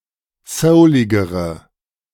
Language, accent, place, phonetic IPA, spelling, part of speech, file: German, Germany, Berlin, [ˈsəʊlɪɡəʁə], souligere, adjective, De-souligere.ogg
- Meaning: inflection of soulig: 1. strong/mixed nominative/accusative feminine singular comparative degree 2. strong nominative/accusative plural comparative degree